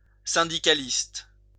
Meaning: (adjective) 1. trade union 2. syndicalist; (noun) trade unionist
- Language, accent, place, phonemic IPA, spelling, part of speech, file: French, France, Lyon, /sɛ̃.di.ka.list/, syndicaliste, adjective / noun, LL-Q150 (fra)-syndicaliste.wav